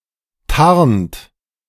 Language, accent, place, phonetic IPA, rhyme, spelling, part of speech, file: German, Germany, Berlin, [taʁnt], -aʁnt, tarnt, verb, De-tarnt.ogg
- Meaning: inflection of tarnen: 1. third-person singular present 2. second-person plural present 3. plural imperative